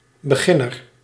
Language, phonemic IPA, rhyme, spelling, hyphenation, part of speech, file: Dutch, /bəˈɣɪnər/, -ɪnər, beginner, be‧gin‧ner, noun, Nl-beginner.ogg
- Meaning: beginner (someone who is just starting something, or has only recently started)